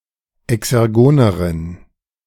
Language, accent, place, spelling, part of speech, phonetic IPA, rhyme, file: German, Germany, Berlin, exergoneren, adjective, [ɛksɛʁˈɡoːnəʁən], -oːnəʁən, De-exergoneren.ogg
- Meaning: inflection of exergon: 1. strong genitive masculine/neuter singular comparative degree 2. weak/mixed genitive/dative all-gender singular comparative degree